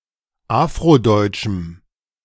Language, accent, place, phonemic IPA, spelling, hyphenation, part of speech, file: German, Germany, Berlin, /ˈaːfʁoˌdɔɪ̯t͡ʃm̩/, Afrodeutschem, Af‧ro‧deut‧schem, noun, De-Afrodeutschem.ogg
- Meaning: dative singular of Afrodeutscher